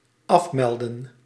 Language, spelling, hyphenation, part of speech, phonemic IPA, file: Dutch, afmelden, af‧mel‧den, verb, /ˈɑfmɛldə(n)/, Nl-afmelden.ogg
- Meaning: 1. to check out 2. to cancel, to call off 3. to log out